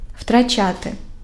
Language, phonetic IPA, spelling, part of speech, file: Ukrainian, [ʍtrɐˈt͡ʃate], втрачати, verb, Uk-втрачати.ogg
- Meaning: to lose